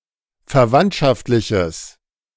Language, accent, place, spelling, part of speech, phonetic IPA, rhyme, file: German, Germany, Berlin, verwandtschaftliches, adjective, [fɛɐ̯ˈvantʃaftlɪçəs], -antʃaftlɪçəs, De-verwandtschaftliches.ogg
- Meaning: strong/mixed nominative/accusative neuter singular of verwandtschaftlich